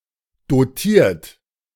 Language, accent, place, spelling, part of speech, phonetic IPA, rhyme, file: German, Germany, Berlin, dotiert, verb, [doˈtiːɐ̯t], -iːɐ̯t, De-dotiert.ogg
- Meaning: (verb) past participle of dotieren; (adjective) 1. doped 2. endowed